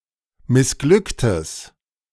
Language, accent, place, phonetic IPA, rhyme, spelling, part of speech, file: German, Germany, Berlin, [mɪsˈɡlʏktəs], -ʏktəs, missglücktes, adjective, De-missglücktes.ogg
- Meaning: strong/mixed nominative/accusative neuter singular of missglückt